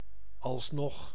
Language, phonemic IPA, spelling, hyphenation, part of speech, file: Dutch, /ɑlsˈnɔx/, alsnog, als‧nog, adverb, Nl-alsnog.ogg
- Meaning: as yet, still